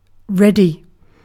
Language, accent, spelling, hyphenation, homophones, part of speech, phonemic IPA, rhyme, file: English, UK, ready, read‧y, reddy, adjective / verb / noun, /ˈɹɛd.i/, -ɛdi, En-uk-ready.ogg
- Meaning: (adjective) 1. Prepared for immediate action or use 2. Prepared for immediate action or use.: first only used predicatively, freely used from the end of the 17th century 3. Inclined; apt to happen